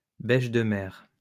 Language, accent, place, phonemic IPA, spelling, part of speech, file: French, France, Lyon, /bɛʃ.də.mɛʁ/, bêche-de-mer, noun, LL-Q150 (fra)-bêche-de-mer.wav
- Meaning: sea cucumber